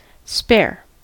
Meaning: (adjective) Extra.: 1. Being more than what is necessary, or what must be used or reserved; not wanted, or not used; superfluous 2. Held in reserve, to be used in an emergency
- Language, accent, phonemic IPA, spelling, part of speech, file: English, US, /spɛɚ/, spare, adjective / noun / verb, En-us-spare.ogg